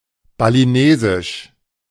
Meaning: of Bali; Balinese
- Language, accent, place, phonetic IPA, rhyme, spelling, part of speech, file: German, Germany, Berlin, [baliˈneːzɪʃ], -eːzɪʃ, balinesisch, adjective, De-balinesisch.ogg